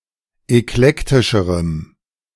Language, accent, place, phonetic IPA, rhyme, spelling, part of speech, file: German, Germany, Berlin, [ɛkˈlɛktɪʃəʁəm], -ɛktɪʃəʁəm, eklektischerem, adjective, De-eklektischerem.ogg
- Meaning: strong dative masculine/neuter singular comparative degree of eklektisch